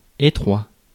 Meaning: narrow
- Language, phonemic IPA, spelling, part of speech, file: French, /e.tʁwa/, étroit, adjective, Fr-étroit.ogg